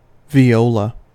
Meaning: 1. A stringed instrument of the violin family, somewhat larger than a violin, played under the chin, and having a deeper tone 2. A person who plays the viola 3. An organ stop having a similar tone
- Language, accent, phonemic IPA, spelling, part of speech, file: English, US, /viˈoʊ.lə/, viola, noun, En-us-viola.ogg